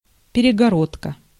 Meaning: 1. partition (wall) 2. septum
- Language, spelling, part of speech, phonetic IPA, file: Russian, перегородка, noun, [pʲɪrʲɪɡɐˈrotkə], Ru-перегородка.ogg